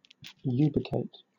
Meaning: 1. To find and specify the location of (someone or something); to locate 2. To take up residence in a place; to lodge, to occupy
- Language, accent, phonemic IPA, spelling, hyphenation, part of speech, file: English, Southern England, /ˈjuːbɪkeɪt/, ubicate, ubic‧ate, verb, LL-Q1860 (eng)-ubicate.wav